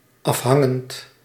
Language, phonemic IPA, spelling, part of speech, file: Dutch, /ˈɑfhɑŋənt/, afhangend, verb / adjective, Nl-afhangend.ogg
- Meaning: present participle of afhangen